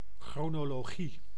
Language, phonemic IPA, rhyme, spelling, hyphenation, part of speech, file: Dutch, /ˌxroː.noː.loːˈɣi/, -i, chronologie, chro‧no‧lo‧gie, noun, Nl-chronologie.ogg
- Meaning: chronology